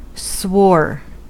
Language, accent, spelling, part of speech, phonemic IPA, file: English, US, swore, verb, /swɔɹ/, En-us-swore.ogg
- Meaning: 1. simple past of swear 2. past participle of swear